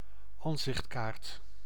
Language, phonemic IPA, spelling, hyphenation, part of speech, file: Dutch, /ˈɑn.zɪxtˌkaːrt/, ansichtkaart, an‧sicht‧kaart, noun, Nl-ansichtkaart.ogg
- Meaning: a picture postcard